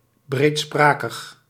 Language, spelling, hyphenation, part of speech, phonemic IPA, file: Dutch, breedsprakig, breed‧spra‧kig, adjective, /ˌbreːtˈspraː.kəx/, Nl-breedsprakig.ogg
- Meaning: elaborate and extensive in language, verbose